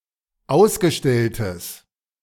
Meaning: strong/mixed nominative/accusative neuter singular of ausgestellt
- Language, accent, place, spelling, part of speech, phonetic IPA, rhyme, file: German, Germany, Berlin, ausgestelltes, adjective, [ˈaʊ̯sɡəˌʃtɛltəs], -aʊ̯sɡəʃtɛltəs, De-ausgestelltes.ogg